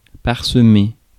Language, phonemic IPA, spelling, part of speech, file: French, /paʁ.sə.me/, parsemer, verb, Fr-parsemer.ogg
- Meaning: 1. to sprinkle, scatter, strew (de with) 2. to be scattered or strewn over